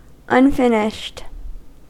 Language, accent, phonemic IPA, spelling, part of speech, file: English, US, /ʌnˈfɪnɪʃt/, unfinished, adjective, En-us-unfinished.ogg
- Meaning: Not finished.: 1. Not completed; unresolved 2. Not having had any finish or finishing (such as coating or polishing) applied